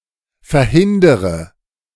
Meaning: inflection of verhindern: 1. first-person singular present 2. first/third-person singular subjunctive I 3. singular imperative
- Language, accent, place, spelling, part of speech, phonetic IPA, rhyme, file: German, Germany, Berlin, verhindere, verb, [fɛɐ̯ˈhɪndəʁə], -ɪndəʁə, De-verhindere.ogg